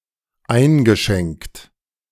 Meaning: past participle of einschenken
- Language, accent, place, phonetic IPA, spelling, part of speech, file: German, Germany, Berlin, [ˈaɪ̯nɡəˌʃɛŋkt], eingeschenkt, verb, De-eingeschenkt.ogg